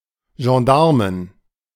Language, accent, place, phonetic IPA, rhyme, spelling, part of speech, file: German, Germany, Berlin, [ʒɑ̃ˈdaʁmən], -aʁmən, Gendarmen, noun, De-Gendarmen.ogg
- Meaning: 1. plural of Gendarm 2. genitive singular of Gendarm